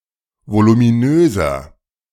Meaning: 1. comparative degree of voluminös 2. inflection of voluminös: strong/mixed nominative masculine singular 3. inflection of voluminös: strong genitive/dative feminine singular
- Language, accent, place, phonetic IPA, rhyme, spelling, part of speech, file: German, Germany, Berlin, [volumiˈnøːzɐ], -øːzɐ, voluminöser, adjective, De-voluminöser.ogg